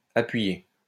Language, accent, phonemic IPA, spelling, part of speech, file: French, France, /a.pɥi.je/, appuyé, verb, LL-Q150 (fra)-appuyé.wav
- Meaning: past participle of appuyer